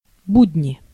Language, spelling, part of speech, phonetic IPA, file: Russian, будни, noun, [ˈbudʲnʲɪ], Ru-будни.ogg
- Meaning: 1. weekday(s), working days 2. humdrum, colorless existence